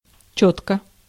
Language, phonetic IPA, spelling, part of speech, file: Russian, [ˈt͡ɕɵtkə], чётко, adverb / adjective, Ru-чётко.ogg
- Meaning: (adverb) distinctly, clearly, audibly, legibly; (adjective) short neuter singular of чёткий (čótkij)